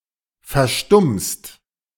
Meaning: second-person singular present of verstummen
- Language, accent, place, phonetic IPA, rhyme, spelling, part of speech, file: German, Germany, Berlin, [fɛɐ̯ˈʃtʊmst], -ʊmst, verstummst, verb, De-verstummst.ogg